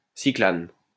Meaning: cycloalkane
- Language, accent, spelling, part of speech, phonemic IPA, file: French, France, cyclane, noun, /si.klan/, LL-Q150 (fra)-cyclane.wav